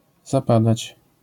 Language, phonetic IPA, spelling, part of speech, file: Polish, [zaˈpadat͡ɕ], zapadać, verb, LL-Q809 (pol)-zapadać.wav